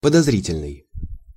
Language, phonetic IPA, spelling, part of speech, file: Russian, [pədɐzˈrʲitʲɪlʲnɨj], подозрительный, adjective, Ru-подозрительный.ogg
- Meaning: 1. suspicious (arousing suspicion), suspect, shady 2. fishy, doubtful 3. suspicious, distrustful, mistrustful, querulous